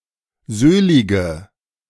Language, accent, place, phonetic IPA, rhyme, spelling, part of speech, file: German, Germany, Berlin, [ˈzøːlɪɡə], -øːlɪɡə, söhlige, adjective, De-söhlige.ogg
- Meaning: inflection of söhlig: 1. strong/mixed nominative/accusative feminine singular 2. strong nominative/accusative plural 3. weak nominative all-gender singular 4. weak accusative feminine/neuter singular